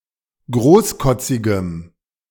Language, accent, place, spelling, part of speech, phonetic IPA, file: German, Germany, Berlin, großkotzigem, adjective, [ˈɡʁoːsˌkɔt͡sɪɡəm], De-großkotzigem.ogg
- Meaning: strong dative masculine/neuter singular of großkotzig